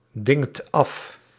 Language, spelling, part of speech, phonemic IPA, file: Dutch, dingt af, verb, /ˈdɪŋt ˈɑf/, Nl-dingt af.ogg
- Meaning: inflection of afdingen: 1. second/third-person singular present indicative 2. plural imperative